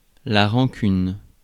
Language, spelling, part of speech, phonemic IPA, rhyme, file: French, rancune, noun, /ʁɑ̃.kyn/, -yn, Fr-rancune.ogg
- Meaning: resentment, grudge; rancour